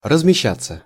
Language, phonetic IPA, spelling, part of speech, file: Russian, [rəzmʲɪˈɕːat͡sːə], размещаться, verb, Ru-размещаться.ogg
- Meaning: 1. to take seats 2. to be quartered, to be housed, to be accommodated 3. passive of размеща́ть (razmeščátʹ)